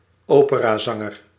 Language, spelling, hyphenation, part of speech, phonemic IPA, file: Dutch, operazanger, op‧era‧zan‧ger, noun, /ˈoː.pə.raːˌzɑ.ŋər/, Nl-operazanger.ogg
- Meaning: an opera singer, a person who sings opera